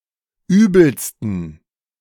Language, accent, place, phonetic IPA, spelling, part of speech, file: German, Germany, Berlin, [ˈyːbl̩stn̩], übelsten, adjective, De-übelsten.ogg
- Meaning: 1. superlative degree of übel 2. inflection of übel: strong genitive masculine/neuter singular superlative degree